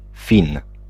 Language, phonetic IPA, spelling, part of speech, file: Polish, [fʲĩn], Fin, noun, Pl-Fin.ogg